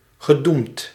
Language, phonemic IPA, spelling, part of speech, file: Dutch, /ɣəˈdumt/, gedoemd, verb / adjective, Nl-gedoemd.ogg
- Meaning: past participle of doemen